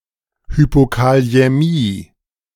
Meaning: hypokalaemia
- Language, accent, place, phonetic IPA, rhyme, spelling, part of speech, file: German, Germany, Berlin, [hypokali̯ɛˈmiː], -iː, Hypokaliämie, noun, De-Hypokaliämie.ogg